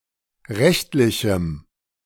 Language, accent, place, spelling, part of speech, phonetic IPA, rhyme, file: German, Germany, Berlin, rechtlichem, adjective, [ˈʁɛçtlɪçm̩], -ɛçtlɪçm̩, De-rechtlichem.ogg
- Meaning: strong dative masculine/neuter singular of rechtlich